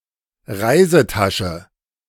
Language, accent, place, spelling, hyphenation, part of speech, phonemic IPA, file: German, Germany, Berlin, Reisetasche, Rei‧se‧ta‧sche, noun, /ˈʁaɪ̯zəˌtaʃə/, De-Reisetasche.ogg
- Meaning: duffel bag; holdall; suitcase